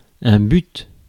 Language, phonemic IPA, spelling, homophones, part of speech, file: French, /byt/, but, bute / butent / butes / bûtes / buts / butte / buttent / buttes, noun, Fr-but.ogg
- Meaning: 1. aim 2. goal (result one is attempting to achieve) 3. goal (in the place, act, or point sense)